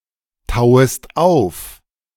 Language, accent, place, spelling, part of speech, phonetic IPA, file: German, Germany, Berlin, tauest auf, verb, [ˌtaʊ̯əst ˈaʊ̯f], De-tauest auf.ogg
- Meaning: second-person singular subjunctive I of auftauen